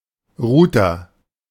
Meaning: router (a device that connects local area networks to form a larger internet)
- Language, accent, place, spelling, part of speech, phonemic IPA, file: German, Germany, Berlin, Router, noun, /ˈʁuːtɐ/, De-Router.ogg